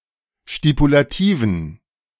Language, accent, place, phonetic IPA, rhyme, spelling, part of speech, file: German, Germany, Berlin, [ʃtipulaˈtiːvn̩], -iːvn̩, stipulativen, adjective, De-stipulativen.ogg
- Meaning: inflection of stipulativ: 1. strong genitive masculine/neuter singular 2. weak/mixed genitive/dative all-gender singular 3. strong/weak/mixed accusative masculine singular 4. strong dative plural